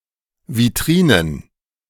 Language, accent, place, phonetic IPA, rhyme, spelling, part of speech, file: German, Germany, Berlin, [viˈtʁiːnən], -iːnən, Vitrinen, noun, De-Vitrinen.ogg
- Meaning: plural of Vitrine